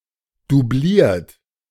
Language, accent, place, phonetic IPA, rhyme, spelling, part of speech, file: German, Germany, Berlin, [duˈbliːɐ̯t], -iːɐ̯t, doubliert, verb, De-doubliert.ogg
- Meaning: 1. past participle of doublieren 2. inflection of doublieren: third-person singular present 3. inflection of doublieren: second-person plural present 4. inflection of doublieren: plural imperative